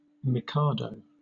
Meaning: 1. A former title of the emperors of Japan during a certain period 2. Any emperor of Japan
- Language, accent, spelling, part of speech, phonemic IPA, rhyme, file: English, Southern England, mikado, noun, /mɪˈkɑːdəʊ/, -ɑːdəʊ, LL-Q1860 (eng)-mikado.wav